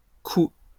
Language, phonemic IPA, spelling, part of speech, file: French, /ku/, coups, noun, LL-Q150 (fra)-coups.wav
- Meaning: plural of coup